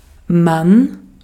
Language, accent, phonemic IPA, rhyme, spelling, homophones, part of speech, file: German, Austria, /man/, -an, man, Mann, pronoun / adverb, De-at-man.ogg
- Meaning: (pronoun) one, you, they (indefinite pronoun, referring to people at large; construed as a third-person singular); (adverb) just; only